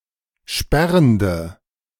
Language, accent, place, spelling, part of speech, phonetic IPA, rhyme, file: German, Germany, Berlin, sperrende, adjective, [ˈʃpɛʁəndə], -ɛʁəndə, De-sperrende.ogg
- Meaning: inflection of sperrend: 1. strong/mixed nominative/accusative feminine singular 2. strong nominative/accusative plural 3. weak nominative all-gender singular